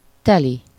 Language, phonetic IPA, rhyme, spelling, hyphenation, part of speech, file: Hungarian, [ˈtɛli], -li, teli, te‧li, adverb / adjective / noun, Hu-teli.ogg
- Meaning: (adverb) synonym of tele (“full”), normally with explicit or implied van; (adjective) synonym of tele (“full”)